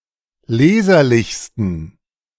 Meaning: 1. superlative degree of leserlich 2. inflection of leserlich: strong genitive masculine/neuter singular superlative degree
- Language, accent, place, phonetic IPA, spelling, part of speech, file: German, Germany, Berlin, [ˈleːzɐlɪçstn̩], leserlichsten, adjective, De-leserlichsten.ogg